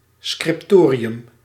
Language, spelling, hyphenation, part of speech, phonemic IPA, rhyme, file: Dutch, scriptorium, scrip‧to‧ri‧um, noun, /ˌskrɪpˈtoː.ri.ʏm/, -oːriʏm, Nl-scriptorium.ogg
- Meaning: scriptorium (place where manuscripts are produced)